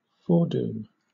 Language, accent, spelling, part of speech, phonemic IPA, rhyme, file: English, Southern England, foredoom, noun / verb, /ˈfɔːduːm/, -uːm, LL-Q1860 (eng)-foredoom.wav
- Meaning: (noun) A doom that is predicted; destiny; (verb) To predestine to a doom